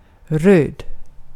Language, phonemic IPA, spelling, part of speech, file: Swedish, /røːd/, röd, adjective / noun, Sv-röd.ogg
- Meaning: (adjective) 1. red 2. of or pertaining to leftist (communist, socialist) politics and politicians; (noun) alternative form of ryd